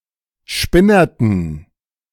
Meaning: inflection of spinnert: 1. strong genitive masculine/neuter singular 2. weak/mixed genitive/dative all-gender singular 3. strong/weak/mixed accusative masculine singular 4. strong dative plural
- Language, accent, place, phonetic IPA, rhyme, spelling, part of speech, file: German, Germany, Berlin, [ˈʃpɪnɐtn̩], -ɪnɐtn̩, spinnerten, adjective, De-spinnerten.ogg